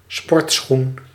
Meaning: athletic shoe, sneaker, runner
- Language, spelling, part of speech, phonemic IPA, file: Dutch, sportschoen, noun, /ˈspɔrtsxun/, Nl-sportschoen.ogg